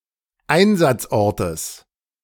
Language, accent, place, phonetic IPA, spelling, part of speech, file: German, Germany, Berlin, [ˈaɪ̯nzat͡sˌʔɔʁtəs], Einsatzortes, noun, De-Einsatzortes.ogg
- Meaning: genitive singular of Einsatzort